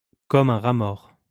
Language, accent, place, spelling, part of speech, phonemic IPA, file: French, France, Lyon, comme un rat mort, adverb, /kɔ.m‿œ̃ ʁa mɔʁ/, LL-Q150 (fra)-comme un rat mort.wav
- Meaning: very much, to death